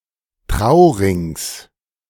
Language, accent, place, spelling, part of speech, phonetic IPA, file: German, Germany, Berlin, Traurings, noun, [ˈtʁaʊ̯ˌʁɪŋs], De-Traurings.ogg
- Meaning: genitive singular of Trauring